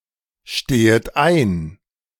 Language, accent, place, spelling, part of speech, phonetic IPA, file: German, Germany, Berlin, stehet ein, verb, [ˌʃteːət ˈaɪ̯n], De-stehet ein.ogg
- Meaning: second-person plural subjunctive I of einstehen